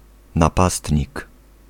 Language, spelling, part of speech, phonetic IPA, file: Polish, napastnik, noun, [naˈpastʲɲik], Pl-napastnik.ogg